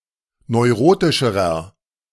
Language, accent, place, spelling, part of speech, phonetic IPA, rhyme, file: German, Germany, Berlin, neurotischerer, adjective, [nɔɪ̯ˈʁoːtɪʃəʁɐ], -oːtɪʃəʁɐ, De-neurotischerer.ogg
- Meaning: inflection of neurotisch: 1. strong/mixed nominative masculine singular comparative degree 2. strong genitive/dative feminine singular comparative degree 3. strong genitive plural comparative degree